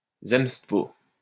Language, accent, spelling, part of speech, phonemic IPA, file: French, France, zemstvo, noun, /zɛm.stvo/, LL-Q150 (fra)-zemstvo.wav
- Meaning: zemstvo